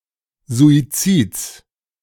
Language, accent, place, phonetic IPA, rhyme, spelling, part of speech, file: German, Germany, Berlin, [zuiˈt͡siːt͡s], -iːt͡s, Suizids, noun, De-Suizids.ogg
- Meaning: genitive singular of Suizid